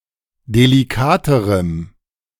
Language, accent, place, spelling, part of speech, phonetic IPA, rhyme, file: German, Germany, Berlin, delikaterem, adjective, [deliˈkaːtəʁəm], -aːtəʁəm, De-delikaterem.ogg
- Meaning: strong dative masculine/neuter singular comparative degree of delikat